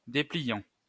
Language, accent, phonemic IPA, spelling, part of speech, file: French, France, /de.pli.jɑ̃/, dépliant, adjective / noun / verb, LL-Q150 (fra)-dépliant.wav
- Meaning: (adjective) unfolding (able to unfold); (noun) leaflet; flyer; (verb) present participle of déplier